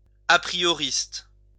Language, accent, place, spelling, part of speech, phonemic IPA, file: French, France, Lyon, aprioriste, noun, /a.pʁi.jɔ.ʁist/, LL-Q150 (fra)-aprioriste.wav
- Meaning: apriorist